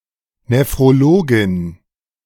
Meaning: female equivalent of Nephrologe (“nephrologist”)
- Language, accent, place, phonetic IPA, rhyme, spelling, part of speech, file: German, Germany, Berlin, [nefʁoˈloːɡɪn], -oːɡɪn, Nephrologin, noun, De-Nephrologin.ogg